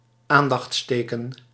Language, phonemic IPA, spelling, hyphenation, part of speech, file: Dutch, /ˈaːn.dɑxtsˌteː.kə(n)/, aandachtsteken, aan‧dachts‧te‧ken, noun, Nl-aandachtsteken.ogg
- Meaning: attention sign (in traffic or in a text)